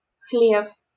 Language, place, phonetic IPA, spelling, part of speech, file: Russian, Saint Petersburg, [xlʲef], хлев, noun, LL-Q7737 (rus)-хлев.wav
- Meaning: 1. stable, stall, cowshed 2. sheep cote 3. pigsty, pigpen